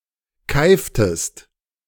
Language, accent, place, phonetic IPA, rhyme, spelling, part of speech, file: German, Germany, Berlin, [ˈkaɪ̯ftəst], -aɪ̯ftəst, keiftest, verb, De-keiftest.ogg
- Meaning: inflection of keifen: 1. second-person singular preterite 2. second-person singular subjunctive II